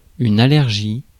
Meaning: allergy
- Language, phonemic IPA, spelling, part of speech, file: French, /a.lɛʁ.ʒi/, allergie, noun, Fr-allergie.ogg